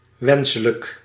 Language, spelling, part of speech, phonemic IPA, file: Dutch, wenselijk, adjective, /ˈwɛnsələk/, Nl-wenselijk.ogg
- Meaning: desirable